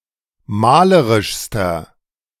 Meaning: inflection of malerisch: 1. strong/mixed nominative masculine singular superlative degree 2. strong genitive/dative feminine singular superlative degree 3. strong genitive plural superlative degree
- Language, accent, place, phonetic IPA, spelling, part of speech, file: German, Germany, Berlin, [ˈmaːləʁɪʃstɐ], malerischster, adjective, De-malerischster.ogg